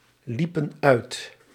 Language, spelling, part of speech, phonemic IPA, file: Dutch, liepen uit, verb, /ˈlipə(n) ˈœyt/, Nl-liepen uit.ogg
- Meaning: inflection of uitlopen: 1. plural past indicative 2. plural past subjunctive